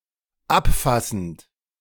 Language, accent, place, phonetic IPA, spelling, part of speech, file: German, Germany, Berlin, [ˈapˌfasn̩t], abfassend, verb, De-abfassend.ogg
- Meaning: present participle of abfassen